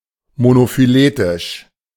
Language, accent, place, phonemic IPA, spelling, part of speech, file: German, Germany, Berlin, /monofyˈleːtɪʃ/, monophyletisch, adjective, De-monophyletisch.ogg
- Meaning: monophyletic